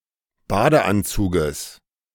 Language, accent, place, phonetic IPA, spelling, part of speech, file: German, Germany, Berlin, [ˈbaːdəˌʔant͡suːɡəs], Badeanzuges, noun, De-Badeanzuges.ogg
- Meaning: genitive singular of Badeanzug